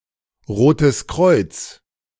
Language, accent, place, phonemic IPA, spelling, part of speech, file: German, Germany, Berlin, /ˈʁoːtəs kʁɔɪ̯t͡s/, Rotes Kreuz, proper noun, De-Rotes Kreuz.ogg
- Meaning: Red Cross